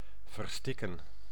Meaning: to choke, to suffocate
- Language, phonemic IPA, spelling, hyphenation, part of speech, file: Dutch, /vərˈstɪ.kə(n)/, verstikken, ver‧stik‧ken, verb, Nl-verstikken.ogg